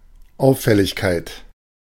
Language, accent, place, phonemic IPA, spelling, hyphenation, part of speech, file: German, Germany, Berlin, /ˈaʊ̯fɛlɪçkaɪ̯t/, Auffälligkeit, Auf‧fäl‧lig‧keit, noun, De-Auffälligkeit.ogg
- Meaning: 1. abnormality 2. conspicuousness 3. obtrusiveness